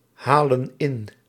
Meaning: inflection of inhalen: 1. plural present indicative 2. plural present subjunctive
- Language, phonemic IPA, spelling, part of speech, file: Dutch, /ˈhalə(n) ˈɪn/, halen in, verb, Nl-halen in.ogg